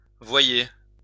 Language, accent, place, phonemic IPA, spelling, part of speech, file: French, France, Lyon, /vwa.je/, voyer, noun, LL-Q150 (fra)-voyer.wav
- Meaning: a civil servant whose work is connected to roads, waterways, or railways